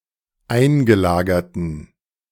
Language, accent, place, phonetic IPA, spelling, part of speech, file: German, Germany, Berlin, [ˈaɪ̯nɡəˌlaːɡɐtn̩], eingelagerten, adjective, De-eingelagerten.ogg
- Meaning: inflection of eingelagert: 1. strong genitive masculine/neuter singular 2. weak/mixed genitive/dative all-gender singular 3. strong/weak/mixed accusative masculine singular 4. strong dative plural